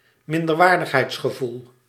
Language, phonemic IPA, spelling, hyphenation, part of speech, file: Dutch, /mɪn.dərˈʋaːr.dəx.ɦɛi̯ts.xəˌvul/, minderwaardigheidsgevoel, min‧der‧waar‧dig‧heids‧ge‧voel, noun, Nl-minderwaardigheidsgevoel.ogg
- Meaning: sense of inferiority, feeling of inferiority